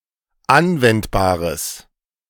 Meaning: strong/mixed nominative/accusative neuter singular of anwendbar
- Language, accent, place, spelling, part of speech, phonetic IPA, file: German, Germany, Berlin, anwendbares, adjective, [ˈanvɛntbaːʁəs], De-anwendbares.ogg